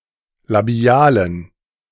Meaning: inflection of labial: 1. strong genitive masculine/neuter singular 2. weak/mixed genitive/dative all-gender singular 3. strong/weak/mixed accusative masculine singular 4. strong dative plural
- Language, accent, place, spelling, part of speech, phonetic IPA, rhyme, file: German, Germany, Berlin, labialen, adjective, [laˈbi̯aːlən], -aːlən, De-labialen.ogg